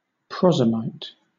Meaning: One who administers the Eucharist with leavened bread, in particular a member of the Eastern Orthodox Church
- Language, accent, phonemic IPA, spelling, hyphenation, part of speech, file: English, Southern England, /ˈpɹɒzɪmaɪt/, prozymite, pro‧zym‧ite, noun, LL-Q1860 (eng)-prozymite.wav